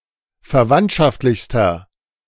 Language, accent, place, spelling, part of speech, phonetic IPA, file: German, Germany, Berlin, verwandtschaftlichster, adjective, [fɛɐ̯ˈvantʃaftlɪçstɐ], De-verwandtschaftlichster.ogg
- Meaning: inflection of verwandtschaftlich: 1. strong/mixed nominative masculine singular superlative degree 2. strong genitive/dative feminine singular superlative degree